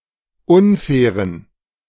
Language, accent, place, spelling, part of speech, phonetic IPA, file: German, Germany, Berlin, unfairen, adjective, [ˈʊnˌfɛːʁən], De-unfairen.ogg
- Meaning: inflection of unfair: 1. strong genitive masculine/neuter singular 2. weak/mixed genitive/dative all-gender singular 3. strong/weak/mixed accusative masculine singular 4. strong dative plural